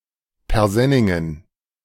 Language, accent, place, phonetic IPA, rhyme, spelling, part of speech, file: German, Germany, Berlin, [pɛʁˈzɛnɪŋən], -ɛnɪŋən, Persenningen, noun, De-Persenningen.ogg
- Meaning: plural of Persenning